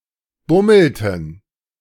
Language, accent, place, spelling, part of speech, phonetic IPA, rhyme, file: German, Germany, Berlin, bummelten, verb, [ˈbʊml̩tn̩], -ʊml̩tn̩, De-bummelten.ogg
- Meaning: inflection of bummeln: 1. first/third-person plural preterite 2. first/third-person plural subjunctive II